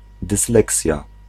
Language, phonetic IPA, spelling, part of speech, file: Polish, [dɨsˈlɛksʲja], dysleksja, noun, Pl-dysleksja.ogg